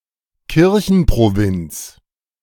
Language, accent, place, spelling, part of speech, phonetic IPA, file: German, Germany, Berlin, Kirchenprovinz, noun, [ˈkɪʁçn̩pʁoˌvɪnt͡s], De-Kirchenprovinz.ogg
- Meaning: an ecclesiastical province